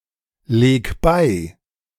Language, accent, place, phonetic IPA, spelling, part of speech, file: German, Germany, Berlin, [ˌleːk ˈbaɪ̯], leg bei, verb, De-leg bei.ogg
- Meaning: 1. singular imperative of beilegen 2. first-person singular present of beilegen